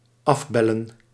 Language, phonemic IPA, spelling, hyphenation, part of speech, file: Dutch, /ˈɑfˌbɛ.lə(n)/, afbellen, af‧bel‧len, verb, Nl-afbellen.ogg
- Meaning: 1. to cancel / call off by telephone 2. to call (a set of phone numbers)